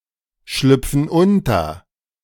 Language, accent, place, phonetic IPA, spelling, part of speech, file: German, Germany, Berlin, [ˌʃlʏp͡fn̩ ˈʊntɐ], schlüpfen unter, verb, De-schlüpfen unter.ogg
- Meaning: inflection of unterschlüpfen: 1. first/third-person plural present 2. first/third-person plural subjunctive I